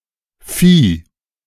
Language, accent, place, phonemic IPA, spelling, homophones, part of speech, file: German, Germany, Berlin, /fiː/, Phi, Vieh, noun, De-Phi.ogg
- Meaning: phi (Greek letter)